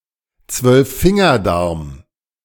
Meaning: duodenum
- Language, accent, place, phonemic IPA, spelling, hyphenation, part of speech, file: German, Germany, Berlin, /tsvœlfˈfɪŋɐdaʁm/, Zwölffingerdarm, Zwölf‧fin‧ger‧darm, noun, De-Zwölffingerdarm.ogg